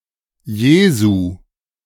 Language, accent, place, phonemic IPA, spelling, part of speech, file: German, Germany, Berlin, /ˈjeːzu/, Jesu, proper noun, De-Jesu.ogg
- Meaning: 1. genitive/dative/vocative of Jesus 2. ablative of Jesus (if adopted)